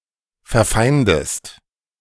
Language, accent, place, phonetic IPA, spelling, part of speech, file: German, Germany, Berlin, [fɛɐ̯ˈfaɪ̯ndəst], verfeindest, verb, De-verfeindest.ogg
- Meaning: inflection of verfeinden: 1. second-person singular present 2. second-person singular subjunctive I